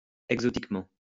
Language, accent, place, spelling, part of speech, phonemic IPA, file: French, France, Lyon, exotiquement, adverb, /ɛɡ.zɔ.tik.mɑ̃/, LL-Q150 (fra)-exotiquement.wav
- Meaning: exotically